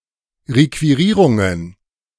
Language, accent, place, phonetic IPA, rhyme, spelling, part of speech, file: German, Germany, Berlin, [ʁekviˈʁiːʁʊŋən], -iːʁʊŋən, Requirierungen, noun, De-Requirierungen.ogg
- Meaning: plural of Requirierung